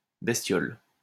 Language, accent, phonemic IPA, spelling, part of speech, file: French, France, /bɛs.tjɔl/, bestiole, noun, LL-Q150 (fra)-bestiole.wav
- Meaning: 1. small animal 2. girl without spirit